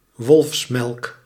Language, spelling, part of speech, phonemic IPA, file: Dutch, wolfsmelk, noun, /ˈʋɔlfs.mɛlk/, Nl-wolfsmelk.ogg
- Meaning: spurge (Euphorbia L.)